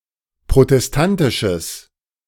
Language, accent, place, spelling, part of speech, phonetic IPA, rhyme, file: German, Germany, Berlin, protestantisches, adjective, [pʁotɛsˈtantɪʃəs], -antɪʃəs, De-protestantisches.ogg
- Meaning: strong/mixed nominative/accusative neuter singular of protestantisch